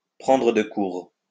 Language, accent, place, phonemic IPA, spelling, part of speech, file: French, France, Lyon, /pʁɑ̃.dʁə d(ə) kuʁ/, prendre de court, verb, LL-Q150 (fra)-prendre de court.wav
- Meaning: to blindside, take somebody unawares, to catch someone napping, to catch somebody off-guard, to bowl a googly to someone